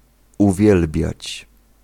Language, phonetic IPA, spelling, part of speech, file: Polish, [uˈvʲjɛlbʲjät͡ɕ], uwielbiać, verb, Pl-uwielbiać.ogg